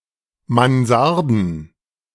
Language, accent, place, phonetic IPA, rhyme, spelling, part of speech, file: German, Germany, Berlin, [manˈzaʁdn̩], -aʁdn̩, Mansarden, noun, De-Mansarden.ogg
- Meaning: plural of Mansarde